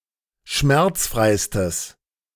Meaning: strong/mixed nominative/accusative neuter singular superlative degree of schmerzfrei
- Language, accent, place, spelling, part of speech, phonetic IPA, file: German, Germany, Berlin, schmerzfreistes, adjective, [ˈʃmɛʁt͡sˌfʁaɪ̯stəs], De-schmerzfreistes.ogg